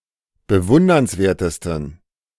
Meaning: 1. superlative degree of bewundernswert 2. inflection of bewundernswert: strong genitive masculine/neuter singular superlative degree
- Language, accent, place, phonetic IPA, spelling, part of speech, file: German, Germany, Berlin, [bəˈvʊndɐnsˌveːɐ̯təstn̩], bewundernswertesten, adjective, De-bewundernswertesten.ogg